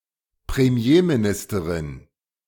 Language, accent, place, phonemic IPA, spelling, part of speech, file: German, Germany, Berlin, /pʁemˈjeːmiˌnɪstɐʁɪn/, Premierministerin, noun, De-Premierministerin.ogg
- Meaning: female prime minister